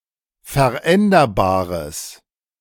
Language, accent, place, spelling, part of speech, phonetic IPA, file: German, Germany, Berlin, veränderbares, adjective, [fɛɐ̯ˈʔɛndɐbaːʁəs], De-veränderbares.ogg
- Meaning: strong/mixed nominative/accusative neuter singular of veränderbar